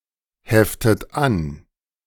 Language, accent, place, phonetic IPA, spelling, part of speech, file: German, Germany, Berlin, [ˌhɛftət ˈan], heftet an, verb, De-heftet an.ogg
- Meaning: inflection of anheften: 1. second-person plural present 2. second-person plural subjunctive I 3. third-person singular present 4. plural imperative